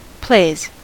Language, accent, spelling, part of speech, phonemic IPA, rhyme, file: English, US, plays, noun / verb, /pleɪz/, -eɪz, En-us-plays.ogg
- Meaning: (noun) plural of play; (verb) third-person singular simple present indicative of play